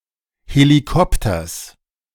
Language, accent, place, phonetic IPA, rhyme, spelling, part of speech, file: German, Germany, Berlin, [heliˈkɔptɐs], -ɔptɐs, Helikopters, noun, De-Helikopters.ogg
- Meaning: genitive singular of Helikopter